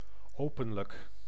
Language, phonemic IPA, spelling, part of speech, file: Dutch, /ˈopə(n)lək/, openlijk, adjective, Nl-openlijk.ogg
- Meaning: openly